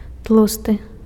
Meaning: fat
- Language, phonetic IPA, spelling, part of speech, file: Belarusian, [ˈtɫustɨ], тлусты, adjective, Be-тлусты.ogg